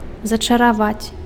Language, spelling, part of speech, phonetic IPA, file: Belarusian, зачараваць, verb, [zat͡ʂaraˈvat͡sʲ], Be-зачараваць.ogg
- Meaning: to bewitch, to captivate, to charm, to enchant, to hex